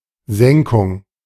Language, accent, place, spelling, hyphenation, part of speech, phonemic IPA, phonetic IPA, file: German, Germany, Berlin, Senkung, Sen‧kung, noun, /ˈzɛŋkʊŋ/, [ˈzɛŋkʰʊŋ], De-Senkung.ogg
- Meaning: 1. dip, reduction, lowering, drop, fall, descent 2. prolapse 3. crustal shortening 4. backing 5. thesis